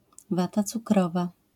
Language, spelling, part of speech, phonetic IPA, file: Polish, wata cukrowa, noun, [ˈvata t͡suˈkrɔva], LL-Q809 (pol)-wata cukrowa.wav